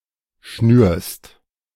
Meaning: second-person singular present of schnüren
- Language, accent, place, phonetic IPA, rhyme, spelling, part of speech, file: German, Germany, Berlin, [ʃnyːɐ̯st], -yːɐ̯st, schnürst, verb, De-schnürst.ogg